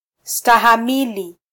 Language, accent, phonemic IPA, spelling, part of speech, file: Swahili, Kenya, /stɑ.hɑˈmi.li/, stahamili, verb, Sw-ke-stahamili.flac
- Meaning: alternative form of -stahimili (“to endure, to tolerate, to bear”)